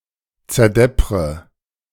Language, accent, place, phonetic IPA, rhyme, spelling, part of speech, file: German, Germany, Berlin, [t͡sɛɐ̯ˈdɛpʁə], -ɛpʁə, zerdeppre, verb, De-zerdeppre.ogg
- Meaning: inflection of zerdeppern: 1. first-person singular present 2. first/third-person singular subjunctive I 3. singular imperative